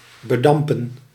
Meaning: 1. to treat with vapour 2. to be covered or filled with smoke 3. to intoxicate
- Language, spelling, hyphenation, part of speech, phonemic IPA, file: Dutch, bedampen, be‧dam‧pen, verb, /bəˈdɑm.pə(n)/, Nl-bedampen.ogg